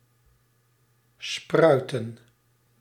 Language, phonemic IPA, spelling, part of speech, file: Dutch, /ˈsprœy̯.tə(n)/, spruiten, verb, Nl-spruiten.ogg
- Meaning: 1. to sprout 2. to spring, come out (of)